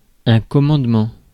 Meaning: 1. command, order 2. authority, power to command, to give orders; command 3. commander 4. commandment; rule or law imposed by a superior power
- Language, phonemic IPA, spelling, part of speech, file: French, /kɔ.mɑ̃d.mɑ̃/, commandement, noun, Fr-commandement.ogg